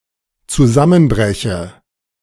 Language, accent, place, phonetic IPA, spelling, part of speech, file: German, Germany, Berlin, [t͡suˈzamənˌbʁɛçə], zusammenbreche, verb, De-zusammenbreche.ogg
- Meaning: inflection of zusammenbrechen: 1. first-person singular dependent present 2. first/third-person singular dependent subjunctive I